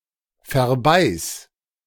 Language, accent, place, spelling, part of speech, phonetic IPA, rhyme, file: German, Germany, Berlin, verbeiß, verb, [fɛɐ̯ˈbaɪ̯s], -aɪ̯s, De-verbeiß.ogg
- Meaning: singular imperative of verbeißen